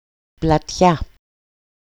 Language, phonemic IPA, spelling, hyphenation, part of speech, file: Greek, /plaˈtça/, πλατιά, πλα‧τιά, adjective / adverb, EL-πλατιά.ogg
- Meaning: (adjective) 1. nominative/accusative/vocative feminine singular of πλατύς (platýs) 2. nominative/accusative/vocative neuter plural of πλατύς (platýs); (adverb) widely